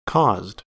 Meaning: simple past and past participle of cause
- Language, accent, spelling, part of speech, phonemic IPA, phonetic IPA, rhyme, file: English, US, caused, verb, /kɔzd/, [kʰɒzd], -ɔzd, En-us-caused.ogg